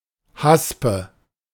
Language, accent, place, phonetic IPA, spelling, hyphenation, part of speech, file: German, Germany, Berlin, [ˈhaspə], Haspe, Has‧pe, noun, De-Haspe.ogg
- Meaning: hinge